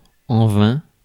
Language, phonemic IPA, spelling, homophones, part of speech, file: French, /vɛ̃/, vain, vainc / vaincs / vains / vin / vingt / vingts / vins / vint / vînt, adjective, Fr-vain.ogg
- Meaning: 1. useless, ineffective, fruitless 2. vain, shallow